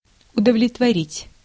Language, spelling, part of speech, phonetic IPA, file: Russian, удовлетворить, verb, [ʊdəvlʲɪtvɐˈrʲitʲ], Ru-удовлетворить.ogg
- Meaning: 1. to satisfy 2. to fulfill 3. to gratify 4. to suffice